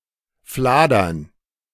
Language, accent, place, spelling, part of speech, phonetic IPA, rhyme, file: German, Germany, Berlin, fladern, verb, [ˈflaːdɐn], -aːdɐn, De-fladern.ogg
- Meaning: to steal